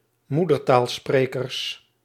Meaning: plural of moedertaalspreker
- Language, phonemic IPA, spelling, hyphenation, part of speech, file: Dutch, /ˈmudərtaːlˌspreːkərs/, moedertaalsprekers, moe‧der‧taal‧spre‧kers, noun, Nl-moedertaalsprekers.ogg